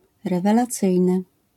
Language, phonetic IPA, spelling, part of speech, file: Polish, [ˌrɛvɛlaˈt͡sɨjnɨ], rewelacyjny, adjective, LL-Q809 (pol)-rewelacyjny.wav